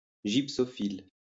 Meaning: gypsophile
- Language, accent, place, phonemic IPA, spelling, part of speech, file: French, France, Lyon, /ʒip.sɔ.fil/, gypsophile, noun, LL-Q150 (fra)-gypsophile.wav